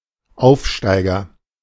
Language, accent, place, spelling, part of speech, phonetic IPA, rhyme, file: German, Germany, Berlin, Aufsteiger, noun, [ˈʔaʊ̯fˌʃtaɪ̯ɡɐ], -aɪ̯ɡɐ, De-Aufsteiger.ogg
- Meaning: 1. climber (student who makes quick progress) 2. promoted team 3. parvenu; social climber (someone who rapidly advances in social standing)